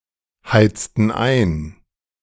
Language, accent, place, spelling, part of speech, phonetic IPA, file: German, Germany, Berlin, heizten ein, verb, [ˌhaɪ̯t͡stn̩ ˈaɪ̯n], De-heizten ein.ogg
- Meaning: inflection of einheizen: 1. first/third-person plural preterite 2. first/third-person plural subjunctive II